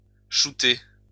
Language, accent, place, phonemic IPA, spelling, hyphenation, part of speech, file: French, France, Lyon, /ʃu.te/, shooter, shoo‧ter, verb, LL-Q150 (fra)-shooter.wav
- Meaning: 1. to shoot the ball forward in an attempt to place it in the opponent's goal 2. to shoot up, inject oneself with drugs